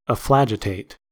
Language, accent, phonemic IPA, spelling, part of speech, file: English, US, /əˈflæd͡ʒ.ɪ.teɪt/, efflagitate, verb, En-us-efflagitate.ogg
- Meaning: To demand something urgently